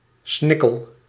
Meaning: penis
- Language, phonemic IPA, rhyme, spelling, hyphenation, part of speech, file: Dutch, /ˈsnɪ.kəl/, -ɪkəl, snikkel, snik‧kel, noun, Nl-snikkel.ogg